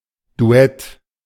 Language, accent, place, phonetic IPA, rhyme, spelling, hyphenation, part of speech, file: German, Germany, Berlin, [duˈɛt], -ɛt, Duett, Du‧ett, noun, De-Duett.ogg
- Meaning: duet